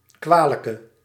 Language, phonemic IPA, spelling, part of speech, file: Dutch, /ˈkʋaːləkə/, kwalijke, adjective, Nl-kwalijke.ogg
- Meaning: inflection of kwalijk: 1. masculine/feminine singular attributive 2. definite neuter singular attributive 3. plural attributive